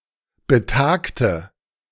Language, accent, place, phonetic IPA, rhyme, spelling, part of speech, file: German, Germany, Berlin, [bəˈtaːktə], -aːktə, betagte, adjective, De-betagte.ogg
- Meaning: inflection of betagt: 1. strong/mixed nominative/accusative feminine singular 2. strong nominative/accusative plural 3. weak nominative all-gender singular 4. weak accusative feminine/neuter singular